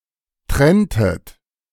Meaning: inflection of trennen: 1. second-person plural preterite 2. second-person plural subjunctive II
- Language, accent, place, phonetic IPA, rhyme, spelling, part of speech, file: German, Germany, Berlin, [ˈtʁɛntət], -ɛntət, trenntet, verb, De-trenntet.ogg